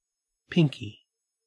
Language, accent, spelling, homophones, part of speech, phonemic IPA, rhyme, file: English, Australia, pinkie, pinky, noun, /ˈpɪŋki/, -ɪŋki, En-au-pinkie.ogg
- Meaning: 1. A little finger, the finger furthest on a hand from the thumb 2. A little toe, the toe furthest on a foot from the big toe 3. Alternative form of pinky (“baby mouse”) 4. A bilby